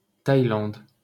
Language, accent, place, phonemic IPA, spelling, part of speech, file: French, France, Paris, /taj.lɑ̃d/, Thaïlande, proper noun, LL-Q150 (fra)-Thaïlande.wav
- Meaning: Thailand (a country in Southeast Asia)